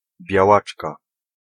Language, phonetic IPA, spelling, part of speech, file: Polish, [bʲjaˈwat͡ʃka], białaczka, noun, Pl-białaczka.ogg